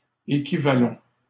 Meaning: 1. first-person plural present indicative of équivaloir 2. first-person plural present imperative of équivaloir
- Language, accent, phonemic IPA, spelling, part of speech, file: French, Canada, /e.ki.va.lɔ̃/, équivalons, verb, LL-Q150 (fra)-équivalons.wav